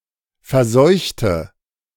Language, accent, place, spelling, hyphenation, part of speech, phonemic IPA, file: German, Germany, Berlin, verseuchte, ver‧seuch‧te, verb, /fɛɐ̯ˈzɔʏ̯çtə/, De-verseuchte.ogg
- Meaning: inflection of verseuchen: 1. first/third-person singular preterite 2. first/third-person singular subjunctive II